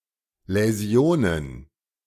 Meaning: plural of Läsion
- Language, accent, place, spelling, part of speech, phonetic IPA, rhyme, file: German, Germany, Berlin, Läsionen, noun, [lɛˈzi̯oːnən], -oːnən, De-Läsionen.ogg